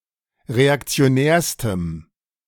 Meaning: strong dative masculine/neuter singular superlative degree of reaktionär
- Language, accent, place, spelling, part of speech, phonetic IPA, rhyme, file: German, Germany, Berlin, reaktionärstem, adjective, [ʁeakt͡si̯oˈnɛːɐ̯stəm], -ɛːɐ̯stəm, De-reaktionärstem.ogg